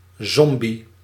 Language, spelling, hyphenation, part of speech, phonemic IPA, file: Dutch, zombie, zom‧bie, noun, /ˈzɔm.bi/, Nl-zombie.ogg
- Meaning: zombie